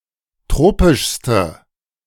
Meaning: inflection of tropisch: 1. strong/mixed nominative/accusative feminine singular superlative degree 2. strong nominative/accusative plural superlative degree
- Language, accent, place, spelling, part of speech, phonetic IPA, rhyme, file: German, Germany, Berlin, tropischste, adjective, [ˈtʁoːpɪʃstə], -oːpɪʃstə, De-tropischste.ogg